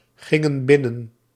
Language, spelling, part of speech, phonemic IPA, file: Dutch, gingen binnen, verb, /ˈɣɪŋə(n) ˈbɪnən/, Nl-gingen binnen.ogg
- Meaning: inflection of binnengaan: 1. plural past indicative 2. plural past subjunctive